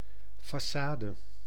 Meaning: 1. façade (of a building) 2. façade (deceptive outward appearance) 3. face
- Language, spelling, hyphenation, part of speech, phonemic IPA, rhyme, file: Dutch, façade, fa‧ça‧de, noun, /ˌfaːˈsaː.də/, -aːdə, Nl-façade.ogg